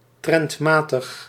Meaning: 1. according to trend 2. in line with the norms of (current) fashion
- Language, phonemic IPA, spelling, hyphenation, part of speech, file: Dutch, /ˌtrɛntˈmaː.təx/, trendmatig, trend‧ma‧tig, adjective, Nl-trendmatig.ogg